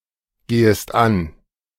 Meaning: second-person singular subjunctive I of angehen
- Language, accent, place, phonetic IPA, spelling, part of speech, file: German, Germany, Berlin, [ˌɡeːəst ˈan], gehest an, verb, De-gehest an.ogg